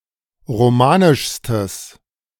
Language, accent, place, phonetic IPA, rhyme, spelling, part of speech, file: German, Germany, Berlin, [ʁoˈmaːnɪʃstəs], -aːnɪʃstəs, romanischstes, adjective, De-romanischstes.ogg
- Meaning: strong/mixed nominative/accusative neuter singular superlative degree of romanisch